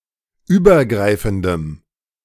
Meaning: strong dative masculine/neuter singular of übergreifend
- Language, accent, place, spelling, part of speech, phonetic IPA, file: German, Germany, Berlin, übergreifendem, adjective, [ˈyːbɐˌɡʁaɪ̯fn̩dəm], De-übergreifendem.ogg